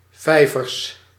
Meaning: plural of vijver
- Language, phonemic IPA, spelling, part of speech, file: Dutch, /ˈvɛivərs/, vijvers, noun, Nl-vijvers.ogg